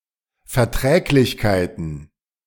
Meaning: plural of Verträglichkeit
- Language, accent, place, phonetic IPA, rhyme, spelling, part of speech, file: German, Germany, Berlin, [fɛɐ̯ˈtʁɛːklɪçkaɪ̯tn̩], -ɛːklɪçkaɪ̯tn̩, Verträglichkeiten, noun, De-Verträglichkeiten.ogg